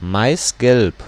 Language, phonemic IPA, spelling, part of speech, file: German, /ˈmaɪ̯sɡɛlp/, maisgelb, adjective, De-maisgelb.ogg
- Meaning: intense yellow (the colour of maize)